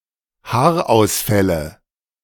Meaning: nominative/accusative/genitive plural of Haarausfall
- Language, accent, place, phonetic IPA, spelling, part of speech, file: German, Germany, Berlin, [ˈhaːɐ̯ʔaʊ̯sˌfɛlə], Haarausfälle, noun, De-Haarausfälle.ogg